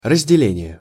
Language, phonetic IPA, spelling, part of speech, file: Russian, [rəzʲdʲɪˈlʲenʲɪje], разделение, noun, Ru-разделение.ogg
- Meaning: 1. division, separation 2. discrimination, differentiation